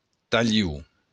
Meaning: a part of something, piece
- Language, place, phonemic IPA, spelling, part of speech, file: Occitan, Béarn, /taˈʎu/, talhon, noun, LL-Q14185 (oci)-talhon.wav